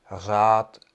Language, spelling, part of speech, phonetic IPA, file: Czech, hřát, verb, [ˈɦr̝aːt], Cs-hřát.ogg
- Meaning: to warm